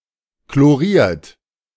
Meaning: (verb) past participle of chlorieren; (adjective) chlorinated
- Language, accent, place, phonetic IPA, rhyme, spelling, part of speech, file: German, Germany, Berlin, [kloˈʁiːɐ̯t], -iːɐ̯t, chloriert, verb, De-chloriert.ogg